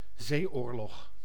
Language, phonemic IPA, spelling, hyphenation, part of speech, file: Dutch, /ˈzeːˌoːr.lɔx/, zeeoorlog, zee‧oor‧log, noun, Nl-zeeoorlog.ogg
- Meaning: naval war